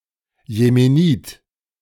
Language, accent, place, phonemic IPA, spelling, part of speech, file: German, Germany, Berlin, /jemeˈniːt/, Jemenit, noun, De-Jemenit.ogg
- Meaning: Yemeni (A [male or female] person from Yemen or of Yemeni descent)